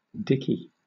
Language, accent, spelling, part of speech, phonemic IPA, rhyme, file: English, Southern England, Dicky, proper noun, /ˈdɪki/, -ɪki, LL-Q1860 (eng)-Dicky.wav
- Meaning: A diminutive of the male given name Richard